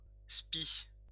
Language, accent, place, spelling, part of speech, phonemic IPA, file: French, France, Lyon, spi, noun, /spi/, LL-Q150 (fra)-spi.wav
- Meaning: spinnaker